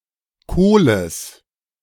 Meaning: genitive singular of Kohl
- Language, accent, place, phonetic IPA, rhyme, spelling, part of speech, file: German, Germany, Berlin, [ˈkoːləs], -oːləs, Kohles, noun, De-Kohles.ogg